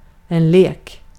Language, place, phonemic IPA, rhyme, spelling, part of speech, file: Swedish, Gotland, /leːk/, -eːk, lek, noun / verb, Sv-lek.ogg
- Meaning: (noun) (child's) play; typically denotes pleasurable and less rule-bound games and activities – "play" more in the sense of "engage in play" than "play a game"